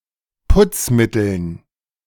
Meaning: dative plural of Putzmittel
- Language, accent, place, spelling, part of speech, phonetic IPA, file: German, Germany, Berlin, Putzmitteln, noun, [ˈpʊt͡sˌmɪtl̩n], De-Putzmitteln.ogg